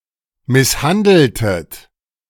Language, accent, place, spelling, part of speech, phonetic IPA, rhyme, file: German, Germany, Berlin, misshandeltet, verb, [ˌmɪsˈhandl̩tət], -andl̩tət, De-misshandeltet.ogg
- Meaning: inflection of misshandeln: 1. second-person plural preterite 2. second-person plural subjunctive II